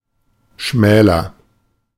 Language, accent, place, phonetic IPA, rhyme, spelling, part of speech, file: German, Germany, Berlin, [ˈʃmɛːlɐ], -ɛːlɐ, schmäler, verb, De-schmäler.ogg
- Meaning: comparative degree of schmal